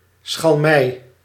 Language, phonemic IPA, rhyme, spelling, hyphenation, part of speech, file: Dutch, /sxɑlˈmɛi̯/, -ɛi̯, schalmei, schal‧mei, noun, Nl-schalmei.ogg
- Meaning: shawm